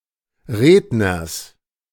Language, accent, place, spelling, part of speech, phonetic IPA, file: German, Germany, Berlin, Redners, noun, [ˈʁeːdnɐs], De-Redners.ogg
- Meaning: genitive singular of Redner